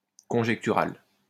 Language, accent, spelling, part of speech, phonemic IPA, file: French, France, conjectural, adjective, /kɔ̃.ʒɛk.ty.ʁal/, LL-Q150 (fra)-conjectural.wav
- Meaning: conjectural